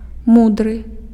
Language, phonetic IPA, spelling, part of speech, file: Belarusian, [ˈmudrɨ], мудры, adjective, Be-мудры.ogg
- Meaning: wise, sage